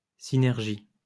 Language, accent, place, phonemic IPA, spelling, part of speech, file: French, France, Lyon, /si.nɛʁ.ʒi/, synergie, noun, LL-Q150 (fra)-synergie.wav
- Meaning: synergy